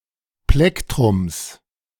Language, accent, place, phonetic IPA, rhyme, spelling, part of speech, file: German, Germany, Berlin, [ˈplɛktʁʊms], -ɛktʁʊms, Plektrums, noun, De-Plektrums.ogg
- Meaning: genitive singular of Plektrum